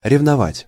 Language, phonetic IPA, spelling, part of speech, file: Russian, [rʲɪvnɐˈvatʲ], ревновать, verb, Ru-ревновать.ogg
- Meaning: 1. to be jealous of 2. to envy 3. to be zealous 4. to compete